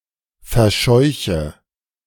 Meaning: inflection of verscheuchen: 1. first-person singular present 2. first/third-person singular subjunctive I 3. singular imperative
- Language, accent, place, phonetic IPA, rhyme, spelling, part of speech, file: German, Germany, Berlin, [fɛɐ̯ˈʃɔɪ̯çə], -ɔɪ̯çə, verscheuche, verb, De-verscheuche.ogg